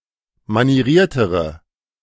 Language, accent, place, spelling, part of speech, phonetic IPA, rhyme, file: German, Germany, Berlin, manieriertere, adjective, [maniˈʁiːɐ̯təʁə], -iːɐ̯təʁə, De-manieriertere.ogg
- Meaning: inflection of manieriert: 1. strong/mixed nominative/accusative feminine singular comparative degree 2. strong nominative/accusative plural comparative degree